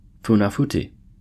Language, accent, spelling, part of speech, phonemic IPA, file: English, US, Funafuti, proper noun, /ˌfuːnəˈfuːti/, En-us-Funafuti.ogg
- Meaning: The capital city of Tuvalu